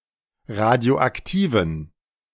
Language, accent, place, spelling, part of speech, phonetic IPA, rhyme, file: German, Germany, Berlin, radioaktiven, adjective, [ˌʁadi̯oʔakˈtiːvn̩], -iːvn̩, De-radioaktiven.ogg
- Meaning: inflection of radioaktiv: 1. strong genitive masculine/neuter singular 2. weak/mixed genitive/dative all-gender singular 3. strong/weak/mixed accusative masculine singular 4. strong dative plural